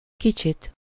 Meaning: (adjective) accusative singular of kicsi; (adverb) usually construed with egy: 1. a bit, a little, a little bit (to a little degree or extent) 2. a bit, a little, a little bit (a little amount)
- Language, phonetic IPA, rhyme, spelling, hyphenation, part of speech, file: Hungarian, [ˈkit͡ʃit], -it, kicsit, ki‧csit, adjective / adverb, Hu-kicsit.ogg